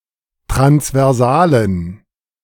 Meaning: inflection of transversal: 1. strong genitive masculine/neuter singular 2. weak/mixed genitive/dative all-gender singular 3. strong/weak/mixed accusative masculine singular 4. strong dative plural
- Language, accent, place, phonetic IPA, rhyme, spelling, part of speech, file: German, Germany, Berlin, [tʁansvɛʁˈzaːlən], -aːlən, transversalen, adjective, De-transversalen.ogg